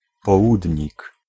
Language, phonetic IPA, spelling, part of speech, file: Polish, [pɔˈwudʲɲik], południk, noun, Pl-południk.ogg